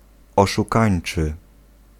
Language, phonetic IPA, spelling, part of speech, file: Polish, [ˌɔʃuˈkãj̃n͇t͡ʃɨ], oszukańczy, adjective, Pl-oszukańczy.ogg